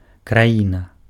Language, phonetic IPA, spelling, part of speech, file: Belarusian, [kraˈjina], краіна, noun, Be-краіна.ogg
- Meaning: country